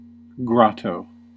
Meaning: 1. A small cave 2. An artificial cavern-like retreat 3. A Marian shrine, usually built in a cavern-like structure
- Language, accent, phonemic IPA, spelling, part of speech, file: English, US, /ˈɡɹɑ.toʊ/, grotto, noun, En-us-grotto.ogg